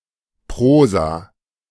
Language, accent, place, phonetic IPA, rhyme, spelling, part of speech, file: German, Germany, Berlin, [ˈpʁoːza], -oːza, Prosa, noun, De-Prosa.ogg
- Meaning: prose